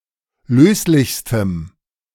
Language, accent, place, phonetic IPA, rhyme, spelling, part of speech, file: German, Germany, Berlin, [ˈløːslɪçstəm], -øːslɪçstəm, löslichstem, adjective, De-löslichstem.ogg
- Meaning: strong dative masculine/neuter singular superlative degree of löslich